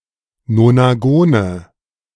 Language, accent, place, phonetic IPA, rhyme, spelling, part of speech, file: German, Germany, Berlin, [nonaˈɡoːnə], -oːnə, Nonagone, noun, De-Nonagone.ogg
- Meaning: nominative/accusative/genitive plural of Nonagon